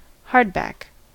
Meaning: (noun) A book with a solid binding; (adjective) Having a solid binding
- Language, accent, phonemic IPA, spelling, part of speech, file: English, US, /ˈhɑɹdˌbæk/, hardback, noun / adjective, En-us-hardback.ogg